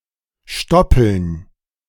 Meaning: plural of Stoppel
- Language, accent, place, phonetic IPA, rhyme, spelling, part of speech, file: German, Germany, Berlin, [ˈʃtɔpl̩n], -ɔpl̩n, Stoppeln, noun, De-Stoppeln.ogg